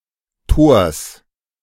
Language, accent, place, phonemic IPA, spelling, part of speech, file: German, Germany, Berlin, /toːɐ̯s/, Tors, noun, De-Tors.ogg
- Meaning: genitive singular of Tor